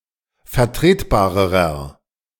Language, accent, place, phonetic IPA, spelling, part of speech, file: German, Germany, Berlin, [fɛɐ̯ˈtʁeːtˌbaːʁəʁɐ], vertretbarerer, adjective, De-vertretbarerer.ogg
- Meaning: inflection of vertretbar: 1. strong/mixed nominative masculine singular comparative degree 2. strong genitive/dative feminine singular comparative degree 3. strong genitive plural comparative degree